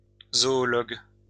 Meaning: zoologist
- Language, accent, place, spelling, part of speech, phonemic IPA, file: French, France, Lyon, zoologue, noun, /zɔ.ɔ.lɔɡ/, LL-Q150 (fra)-zoologue.wav